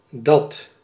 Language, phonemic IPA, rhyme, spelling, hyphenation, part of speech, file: Dutch, /dɑt/, -ɑt, dat, dat, determiner / pronoun / conjunction, Nl-dat.ogg
- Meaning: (determiner) neuter singular of die (“that”); referring to a thing or a person further away; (pronoun) neuter singular of die: 1. that, that there 2. that same (thing), the aforementioned